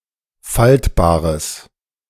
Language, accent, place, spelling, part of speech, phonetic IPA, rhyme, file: German, Germany, Berlin, faltbares, adjective, [ˈfaltbaːʁəs], -altbaːʁəs, De-faltbares.ogg
- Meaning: strong/mixed nominative/accusative neuter singular of faltbar